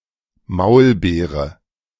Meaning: 1. mulberry (fruit) 2. synonym of Maulbeerbaum (“mulberry tree”)
- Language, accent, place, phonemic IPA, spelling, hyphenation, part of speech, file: German, Germany, Berlin, /ˈmaʊ̯lˌbeːʁə/, Maulbeere, Maul‧bee‧re, noun, De-Maulbeere.ogg